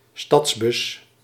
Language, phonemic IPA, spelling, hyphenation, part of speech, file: Dutch, /ˈstɑts.bʏs/, stadsbus, stads‧bus, noun, Nl-stadsbus.ogg
- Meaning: city bus